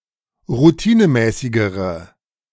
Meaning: inflection of routinemäßig: 1. strong/mixed nominative/accusative feminine singular comparative degree 2. strong nominative/accusative plural comparative degree
- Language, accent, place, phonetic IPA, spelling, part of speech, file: German, Germany, Berlin, [ʁuˈtiːnəˌmɛːsɪɡəʁə], routinemäßigere, adjective, De-routinemäßigere.ogg